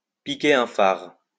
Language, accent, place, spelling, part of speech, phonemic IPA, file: French, France, Lyon, piquer un fard, verb, /pi.ke œ̃ faʁ/, LL-Q150 (fra)-piquer un fard.wav
- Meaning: to blush